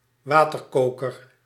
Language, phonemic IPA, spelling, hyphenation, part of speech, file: Dutch, /ˈʋatərˌkokər/, waterkoker, wa‧ter‧ko‧ker, noun, Nl-waterkoker.ogg
- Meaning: kettle (A vessel for boiling water for tea; a teakettle.)